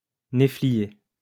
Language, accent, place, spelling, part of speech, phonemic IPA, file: French, France, Lyon, néflier, noun, /ne.fli.je/, LL-Q150 (fra)-néflier.wav
- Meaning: medlar (tree)